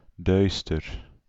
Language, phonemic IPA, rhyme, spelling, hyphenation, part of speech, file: Dutch, /ˈdœy̯stər/, -œy̯stər, duister, duis‧ter, adjective, Nl-duister.ogg
- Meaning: 1. dark 2. bleak; gloomy 3. sinister 4. obscure